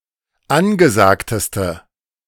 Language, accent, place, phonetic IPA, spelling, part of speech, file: German, Germany, Berlin, [ˈanɡəˌzaːktəstə], angesagteste, adjective, De-angesagteste.ogg
- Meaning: inflection of angesagt: 1. strong/mixed nominative/accusative feminine singular superlative degree 2. strong nominative/accusative plural superlative degree